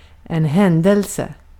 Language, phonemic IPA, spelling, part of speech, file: Swedish, /²hɛndɛlsɛ/, händelse, noun, Sv-händelse.ogg
- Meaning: 1. an occurrence (something that happens) 2. an occurrence (something that happens): an event, an incident, etc. (usually more idiomatic)